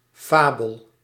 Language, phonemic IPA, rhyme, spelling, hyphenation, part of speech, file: Dutch, /ˈfaː.bəl/, -aːbəl, fabel, fa‧bel, noun, Nl-fabel.ogg
- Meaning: 1. a legend, a fable 2. something untrue, a fable, a myth